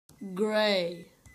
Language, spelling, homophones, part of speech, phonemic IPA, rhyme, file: English, Gray, gray / grey, proper noun, /ɡɹeɪ/, -eɪ, En-Gray.ogg
- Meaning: 1. A surname transferred from the nickname; originally a nickname for someone with a gray beard or hair 2. A male given name